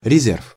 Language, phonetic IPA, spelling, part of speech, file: Russian, [rʲɪˈzʲerf], резерв, noun, Ru-резерв.ogg
- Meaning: 1. reserve, reserves (that which is reserved, or kept back, as for future use) 2. reserve